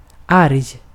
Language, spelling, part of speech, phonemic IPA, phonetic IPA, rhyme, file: Swedish, arg, adjective, /arj/, [arj], -arj, Sv-arg.ogg
- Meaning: angry, mad